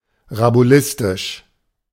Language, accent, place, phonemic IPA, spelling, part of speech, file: German, Germany, Berlin, /ʁabuˈlɪstɪʃ/, rabulistisch, adjective, De-rabulistisch.ogg
- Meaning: quibbling, hair-splitting, sophistical